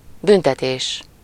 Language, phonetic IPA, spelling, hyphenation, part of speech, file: Hungarian, [ˈbyntɛteːʃ], büntetés, bün‧te‧tés, noun, Hu-büntetés.ogg
- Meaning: 1. verbal noun of büntet (“to punish”) 2. punishment, penalty (action to punish wrongdoing, especially for crime) 3. corner time (chiefly in the form büntetésben)